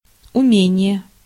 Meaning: ability (a skill or competence)
- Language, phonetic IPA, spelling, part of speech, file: Russian, [ʊˈmʲenʲɪje], умение, noun, Ru-умение.ogg